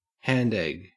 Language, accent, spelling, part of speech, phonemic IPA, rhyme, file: English, Australia, handegg, noun, /ˈhændɛɡ/, -ɛɡ, En-au-handegg.ogg